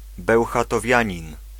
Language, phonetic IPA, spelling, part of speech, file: Polish, [ˌbɛwxatɔˈvʲjä̃ɲĩn], bełchatowianin, noun, Pl-bełchatowianin.ogg